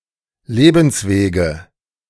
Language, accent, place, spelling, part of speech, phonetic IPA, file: German, Germany, Berlin, Lebenswege, noun, [ˈleːbn̩sˌveːɡə], De-Lebenswege.ogg
- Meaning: nominative/accusative/genitive plural of Lebensweg